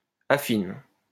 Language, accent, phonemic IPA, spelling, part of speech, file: French, France, /a.fin/, affine, verb, LL-Q150 (fra)-affine.wav
- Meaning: inflection of affiner: 1. first/third-person singular present indicative/subjunctive 2. second-person singular imperative